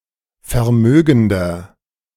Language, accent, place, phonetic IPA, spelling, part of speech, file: German, Germany, Berlin, [fɛɐ̯ˈmøːɡn̩dɐ], vermögender, adjective, De-vermögender.ogg
- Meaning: 1. comparative degree of vermögend 2. inflection of vermögend: strong/mixed nominative masculine singular 3. inflection of vermögend: strong genitive/dative feminine singular